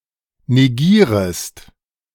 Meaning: second-person singular subjunctive I of negieren
- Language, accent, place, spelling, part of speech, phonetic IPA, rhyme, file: German, Germany, Berlin, negierest, verb, [neˈɡiːʁəst], -iːʁəst, De-negierest.ogg